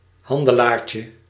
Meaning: diminutive of handelaar
- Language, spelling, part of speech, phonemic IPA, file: Dutch, handelaartje, noun, /ˈhɑndəˌlarcə/, Nl-handelaartje.ogg